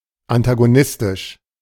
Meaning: antagonistic
- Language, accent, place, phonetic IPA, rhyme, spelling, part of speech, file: German, Germany, Berlin, [antaɡoˈnɪstɪʃ], -ɪstɪʃ, antagonistisch, adjective, De-antagonistisch.ogg